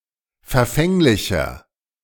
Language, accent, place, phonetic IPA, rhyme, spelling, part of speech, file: German, Germany, Berlin, [fɛɐ̯ˈfɛŋlɪçɐ], -ɛŋlɪçɐ, verfänglicher, adjective, De-verfänglicher.ogg
- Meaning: 1. comparative degree of verfänglich 2. inflection of verfänglich: strong/mixed nominative masculine singular 3. inflection of verfänglich: strong genitive/dative feminine singular